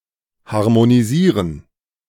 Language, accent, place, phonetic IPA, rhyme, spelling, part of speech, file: German, Germany, Berlin, [haʁmoniˈziːʁən], -iːʁən, harmonisieren, verb, De-harmonisieren.ogg
- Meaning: to harmonize